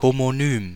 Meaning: homonym (word with the same sound and spelling as another but different meaning)
- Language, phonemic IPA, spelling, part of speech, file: German, /homoˈnyːm/, Homonym, noun, De-Homonym.ogg